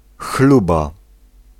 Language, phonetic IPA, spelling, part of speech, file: Polish, [ˈxluba], chluba, noun, Pl-chluba.ogg